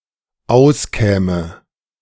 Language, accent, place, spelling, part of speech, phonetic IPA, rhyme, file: German, Germany, Berlin, auskäme, verb, [ˈaʊ̯sˌkɛːmə], -aʊ̯skɛːmə, De-auskäme.ogg
- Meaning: first/third-person singular dependent subjunctive II of auskommen